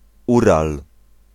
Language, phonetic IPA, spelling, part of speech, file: Polish, [ˈural], Ural, proper noun, Pl-Ural.ogg